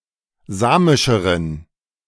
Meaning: inflection of samisch: 1. strong genitive masculine/neuter singular comparative degree 2. weak/mixed genitive/dative all-gender singular comparative degree
- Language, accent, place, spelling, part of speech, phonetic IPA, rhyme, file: German, Germany, Berlin, samischeren, adjective, [ˈzaːmɪʃəʁən], -aːmɪʃəʁən, De-samischeren.ogg